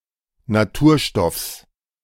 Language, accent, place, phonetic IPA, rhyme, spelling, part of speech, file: German, Germany, Berlin, [naˈtuːɐ̯ˌʃtɔfs], -uːɐ̯ʃtɔfs, Naturstoffs, noun, De-Naturstoffs.ogg
- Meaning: genitive singular of Naturstoff